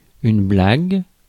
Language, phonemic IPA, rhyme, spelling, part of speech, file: French, /blaɡ/, -aɡ, blague, noun / verb, Fr-blague.ogg
- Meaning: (noun) 1. pouch, especially for tobacco 2. joke 3. a penis; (verb) inflection of blaguer: 1. first/third-person singular 2. second-person imperative 3. first/third-person subjunctive